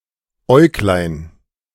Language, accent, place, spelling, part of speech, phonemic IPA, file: German, Germany, Berlin, Äuglein, noun, /ˈɔɪ̯ɡlaɪ̯n/, De-Äuglein.ogg
- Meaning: diminutive of Auge; an eyelet